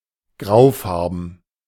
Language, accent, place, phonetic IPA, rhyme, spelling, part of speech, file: German, Germany, Berlin, [ˈɡʁaʊ̯ˌfaʁbn̩], -aʊ̯faʁbn̩, graufarben, adjective, De-graufarben.ogg
- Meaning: grey (in colour)